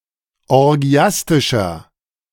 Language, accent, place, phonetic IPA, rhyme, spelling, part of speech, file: German, Germany, Berlin, [ɔʁˈɡi̯astɪʃɐ], -astɪʃɐ, orgiastischer, adjective, De-orgiastischer.ogg
- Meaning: 1. comparative degree of orgiastisch 2. inflection of orgiastisch: strong/mixed nominative masculine singular 3. inflection of orgiastisch: strong genitive/dative feminine singular